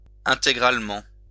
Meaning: fully, completely
- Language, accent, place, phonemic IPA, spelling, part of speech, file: French, France, Lyon, /ɛ̃.te.ɡʁal.mɑ̃/, intégralement, adverb, LL-Q150 (fra)-intégralement.wav